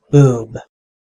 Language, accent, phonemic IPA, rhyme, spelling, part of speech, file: English, US, /ˈbuːb/, -uːb, boob, noun / verb, En-us-boob.ogg
- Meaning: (noun) 1. An idiot; a fool 2. A mistake; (verb) 1. To behave stupidly; to act like a boob 2. To make a mistake; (noun) A breast, especially that of an adult or adolescent female human